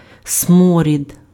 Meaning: stench, reek
- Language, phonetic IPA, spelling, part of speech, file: Ukrainian, [ˈsmɔrʲid], сморід, noun, Uk-сморід.ogg